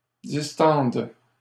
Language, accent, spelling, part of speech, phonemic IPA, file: French, Canada, distendent, verb, /dis.tɑ̃d/, LL-Q150 (fra)-distendent.wav
- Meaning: third-person plural present indicative/subjunctive of distendre